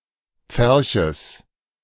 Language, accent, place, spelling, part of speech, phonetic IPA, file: German, Germany, Berlin, Pferches, noun, [ˈp͡fɛʁçəs], De-Pferches.ogg
- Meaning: genitive singular of Pferch